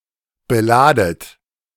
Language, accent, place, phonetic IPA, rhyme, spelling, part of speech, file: German, Germany, Berlin, [bəˈlaːdət], -aːdət, beladet, verb, De-beladet.ogg
- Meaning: inflection of beladen: 1. second-person plural present 2. second-person plural subjunctive I 3. plural imperative